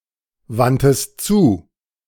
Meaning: 1. first-person singular preterite of zuwenden 2. third-person singular preterite of zuwenden# second-person singular preterite of zuwenden
- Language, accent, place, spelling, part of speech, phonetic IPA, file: German, Germany, Berlin, wandtest zu, verb, [ˌvantəst ˈt͡suː], De-wandtest zu.ogg